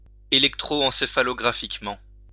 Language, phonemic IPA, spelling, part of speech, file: French, /ɑ̃.se.fa.lɔ.ɡʁa.fik.mɑ̃/, encéphalographiquement, adverb, LL-Q150 (fra)-encéphalographiquement.wav
- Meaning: encephalographically